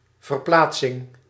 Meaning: the act of moving something to another spot
- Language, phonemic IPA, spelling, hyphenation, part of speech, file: Dutch, /vərˈplaːt.sɪŋ/, verplaatsing, ver‧plaat‧sing, noun, Nl-verplaatsing.ogg